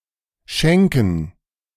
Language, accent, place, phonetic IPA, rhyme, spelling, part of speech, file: German, Germany, Berlin, [ˈʃɛŋkn̩], -ɛŋkn̩, Schänken, noun, De-Schänken.ogg
- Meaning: 1. plural of Schänke 2. dative plural of Schank